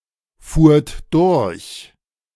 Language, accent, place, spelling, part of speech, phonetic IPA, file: German, Germany, Berlin, fuhrt durch, verb, [ˌfuːɐ̯t ˈdʊʁç], De-fuhrt durch.ogg
- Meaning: second-person plural preterite of durchfahren